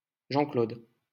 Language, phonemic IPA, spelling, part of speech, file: French, /ʒɑ̃.klod/, Jean-Claude, proper noun, LL-Q150 (fra)-Jean-Claude.wav
- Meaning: a male given name, a popular combination of Jean and Claude